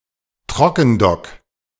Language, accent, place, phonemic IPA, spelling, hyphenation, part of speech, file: German, Germany, Berlin, /ˈtʁɔkənˌdɔk/, Trockendock, Tro‧cken‧dock, noun, De-Trockendock.ogg
- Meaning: drydock